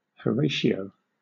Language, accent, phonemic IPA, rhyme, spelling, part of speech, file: English, Southern England, /həˈɹeɪʃiəʊ/, -eɪʃiəʊ, Horatio, proper noun, LL-Q1860 (eng)-Horatio.wav
- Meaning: A male given name from Latin